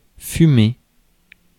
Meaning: 1. to smoke 2. to emit smoke 3. to steam
- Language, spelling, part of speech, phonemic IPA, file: French, fumer, verb, /fy.me/, Fr-fumer.ogg